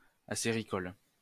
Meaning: maple production
- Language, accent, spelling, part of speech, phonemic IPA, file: French, France, acéricole, adjective, /a.se.ʁi.kɔl/, LL-Q150 (fra)-acéricole.wav